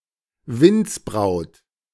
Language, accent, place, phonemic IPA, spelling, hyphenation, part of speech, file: German, Germany, Berlin, /ˈvɪntsˌbʁaʊ̯t/, Windsbraut, Winds‧braut, noun, De-Windsbraut.ogg
- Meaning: whirlwind